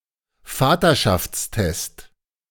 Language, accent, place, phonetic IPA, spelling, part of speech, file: German, Germany, Berlin, [ˈfaːtɐʃaft͡sˌtɛst], Vaterschaftstest, noun, De-Vaterschaftstest.ogg
- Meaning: paternity test